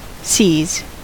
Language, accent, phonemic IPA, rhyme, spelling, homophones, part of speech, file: English, US, /siːz/, -iːz, seas, sees / seize, noun, En-us-seas.ogg
- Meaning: plural of sea